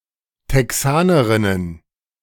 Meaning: plural of Texanerin
- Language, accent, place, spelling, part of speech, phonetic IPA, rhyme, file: German, Germany, Berlin, Texanerinnen, noun, [tɛˈksaːnəʁɪnən], -aːnəʁɪnən, De-Texanerinnen.ogg